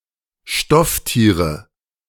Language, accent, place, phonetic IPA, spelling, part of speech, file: German, Germany, Berlin, [ˈʃtɔfˌtiːʁə], Stofftiere, noun, De-Stofftiere.ogg
- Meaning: nominative/accusative/genitive plural of Stofftier